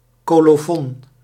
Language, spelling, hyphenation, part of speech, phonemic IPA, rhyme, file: Dutch, colofon, co‧lo‧fon, noun, /ˌkoː.loːˈfɔn/, -ɔn, Nl-colofon.ogg
- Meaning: colophon